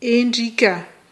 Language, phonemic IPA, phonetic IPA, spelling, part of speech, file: Malagasy, /eᶯɖ͡ʐika/, [eᶯɖ͡ʐikʲḁ], endrika, noun, Mg-endrika.ogg
- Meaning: feature, likeness, visage, resemblance, image, form